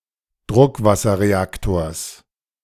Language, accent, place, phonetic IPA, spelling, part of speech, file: German, Germany, Berlin, [ˈdʁʊkvasɐʁeˌaktoːɐ̯s], Druckwasserreaktors, noun, De-Druckwasserreaktors.ogg
- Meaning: genitive singular of Druckwasserreaktor